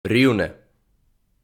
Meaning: Rivne (a city, the administrative centre of Rivne Oblast, Ukraine)
- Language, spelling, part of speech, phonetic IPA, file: Ukrainian, Рівне, proper noun, [ˈrʲiu̯ne], Uk-Рівне.ogg